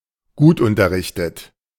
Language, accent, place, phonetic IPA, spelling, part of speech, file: German, Germany, Berlin, [ˈɡuːtʔʊntɐˌʁɪçtət], gutunterrichtet, adjective, De-gutunterrichtet.ogg
- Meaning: well-informed